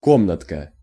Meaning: diminutive of ко́мната (kómnata): (small) room
- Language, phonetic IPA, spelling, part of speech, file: Russian, [ˈkomnətkə], комнатка, noun, Ru-комнатка.ogg